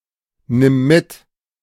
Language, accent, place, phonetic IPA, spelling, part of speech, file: German, Germany, Berlin, [ˌnɪm ˈmɪt], nimm mit, verb, De-nimm mit.ogg
- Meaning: singular imperative of mitnehmen